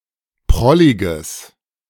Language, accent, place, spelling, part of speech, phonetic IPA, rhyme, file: German, Germany, Berlin, prolliges, adjective, [ˈpʁɔlɪɡəs], -ɔlɪɡəs, De-prolliges.ogg
- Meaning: strong/mixed nominative/accusative neuter singular of prollig